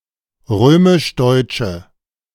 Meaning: inflection of römisch-deutsch: 1. strong/mixed nominative/accusative feminine singular 2. strong nominative/accusative plural 3. weak nominative all-gender singular
- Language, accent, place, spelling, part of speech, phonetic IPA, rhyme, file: German, Germany, Berlin, römisch-deutsche, adjective, [ˈʁøːmɪʃˈdɔɪ̯t͡ʃə], -ɔɪ̯t͡ʃə, De-römisch-deutsche.ogg